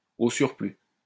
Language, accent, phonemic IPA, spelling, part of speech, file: French, France, /o syʁ.ply/, au surplus, adverb, LL-Q150 (fra)-au surplus.wav
- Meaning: moreover, furthermore